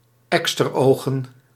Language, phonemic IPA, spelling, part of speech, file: Dutch, /ˈɛkstəroːɣə(n)/, eksterogen, noun, Nl-eksterogen.ogg
- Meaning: plural of eksteroog